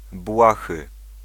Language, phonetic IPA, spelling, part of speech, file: Polish, [ˈbwaxɨ], błahy, adjective, Pl-błahy.ogg